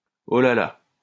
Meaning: 1. Expression of surprise 2. Expression of sympathy or concern
- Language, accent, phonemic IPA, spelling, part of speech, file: French, France, /o la la/, oh là là, interjection, LL-Q150 (fra)-oh là là.wav